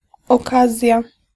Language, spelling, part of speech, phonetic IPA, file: Polish, okazja, noun, [ɔˈkazʲja], Pl-okazja.ogg